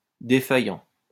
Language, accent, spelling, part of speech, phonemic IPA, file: French, France, défaillant, verb / adjective, /de.fa.jɑ̃/, LL-Q150 (fra)-défaillant.wav
- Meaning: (verb) present participle of défaillir; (adjective) 1. faulty (device, system etc.) 2. failing (health, memory) 3. fainting (person)